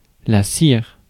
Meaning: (noun) 1. wax 2. beeswax 3. earwax 4. sealing wax 5. taper (wax candle) 6. cere; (verb) inflection of cirer: first/third-person singular present indicative/subjunctive
- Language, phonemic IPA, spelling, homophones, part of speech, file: French, /siʁ/, cire, cirent / cires / sire / sires, noun / verb, Fr-cire.ogg